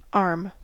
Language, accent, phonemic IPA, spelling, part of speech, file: English, US, /ɑɹm/, arm, noun / verb / adjective, En-us-arm.ogg
- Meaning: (noun) 1. The portion of the upper human appendage, from the shoulder to the wrist and sometimes including the hand 2. The extended portion of the upper limb, from the shoulder to the elbow